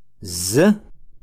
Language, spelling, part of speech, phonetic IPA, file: Adyghe, зы, numeral, [zə], Ady-зы.ogg
- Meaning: one